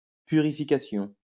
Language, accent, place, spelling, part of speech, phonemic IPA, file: French, France, Lyon, purification, noun, /py.ʁi.fi.ka.sjɔ̃/, LL-Q150 (fra)-purification.wav
- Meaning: purification